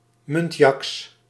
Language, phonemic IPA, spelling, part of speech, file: Dutch, /ˈmʏncɑks/, muntjaks, noun, Nl-muntjaks.ogg
- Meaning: plural of muntjak